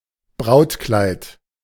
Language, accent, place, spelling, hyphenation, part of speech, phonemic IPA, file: German, Germany, Berlin, Brautkleid, Braut‧kleid, noun, /ˈbʁaʊ̯tklaɪ̯t/, De-Brautkleid.ogg
- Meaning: A bridal gown, wedding dress as worn by a bride during a wedding ceremony